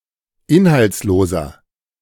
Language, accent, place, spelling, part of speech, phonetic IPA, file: German, Germany, Berlin, inhaltsloser, adjective, [ˈɪnhalt͡sˌloːzɐ], De-inhaltsloser.ogg
- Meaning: inflection of inhaltslos: 1. strong/mixed nominative masculine singular 2. strong genitive/dative feminine singular 3. strong genitive plural